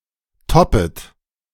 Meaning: second-person plural subjunctive I of toppen
- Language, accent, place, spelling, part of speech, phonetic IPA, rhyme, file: German, Germany, Berlin, toppet, verb, [ˈtɔpət], -ɔpət, De-toppet.ogg